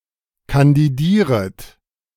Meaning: second-person plural subjunctive I of kandidieren
- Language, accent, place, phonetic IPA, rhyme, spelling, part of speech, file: German, Germany, Berlin, [kandiˈdiːʁət], -iːʁət, kandidieret, verb, De-kandidieret.ogg